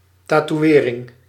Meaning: tattoo
- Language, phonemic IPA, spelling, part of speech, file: Dutch, /tatuˈwerɪŋ/, tatoeëring, noun, Nl-tatoeëring.ogg